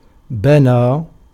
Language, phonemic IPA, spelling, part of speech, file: Arabic, /ba.naː/, بنى, verb, Ar-بنى.ogg
- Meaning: 1. to build, to construct, to raise 2. to construe, to inflect a word grammatically 3. to strengthen, to fatten 4. to assist by benefits 5. to lead a bride in procession to her new home